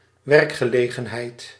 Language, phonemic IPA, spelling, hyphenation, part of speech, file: Dutch, /ˌʋɛrk.xəˈleː.ɣə(n).ɦɛi̯t/, werkgelegenheid, werk‧ge‧le‧gen‧heid, noun, Nl-werkgelegenheid.ogg
- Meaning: employment (total number of jobs)